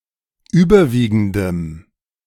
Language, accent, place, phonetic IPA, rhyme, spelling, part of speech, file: German, Germany, Berlin, [ˈyːbɐˌviːɡn̩dəm], -iːɡn̩dəm, überwiegendem, adjective, De-überwiegendem.ogg
- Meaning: strong dative masculine/neuter singular of überwiegend